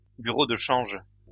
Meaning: bureau de change, currency exchange (place where foreign currency can be exchanged)
- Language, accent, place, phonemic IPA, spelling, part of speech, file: French, France, Lyon, /by.ʁo d(ə) ʃɑ̃ʒ/, bureau de change, noun, LL-Q150 (fra)-bureau de change.wav